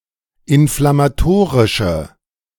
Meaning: inflection of inflammatorisch: 1. strong/mixed nominative/accusative feminine singular 2. strong nominative/accusative plural 3. weak nominative all-gender singular
- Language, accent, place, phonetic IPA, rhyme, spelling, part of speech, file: German, Germany, Berlin, [ɪnflamaˈtoːʁɪʃə], -oːʁɪʃə, inflammatorische, adjective, De-inflammatorische.ogg